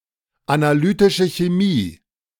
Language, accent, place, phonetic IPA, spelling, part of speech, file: German, Germany, Berlin, [anaˈlyːtɪʃə çeˈmiː], analytische Chemie, phrase, De-analytische Chemie.ogg
- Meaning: analytical chemistry